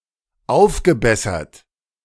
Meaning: past participle of aufbessern
- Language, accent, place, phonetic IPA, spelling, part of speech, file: German, Germany, Berlin, [ˈaʊ̯fɡəˌbɛsɐt], aufgebessert, verb, De-aufgebessert.ogg